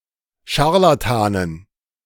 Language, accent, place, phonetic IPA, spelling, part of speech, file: German, Germany, Berlin, [ˈʃaʁlatanən], Scharlatanen, noun, De-Scharlatanen.ogg
- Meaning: dative plural of Scharlatan